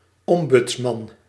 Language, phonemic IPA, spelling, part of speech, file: Dutch, /ˈɔm.bʏts.mɑn/, ombudsman, noun, Nl-ombudsman.ogg
- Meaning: ombudsman